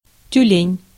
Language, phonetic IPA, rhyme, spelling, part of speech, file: Russian, [tʲʉˈlʲenʲ], -enʲ, тюлень, noun, Ru-тюлень.ogg
- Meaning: 1. seal (pinniped) 2. A clumsy person, an oaf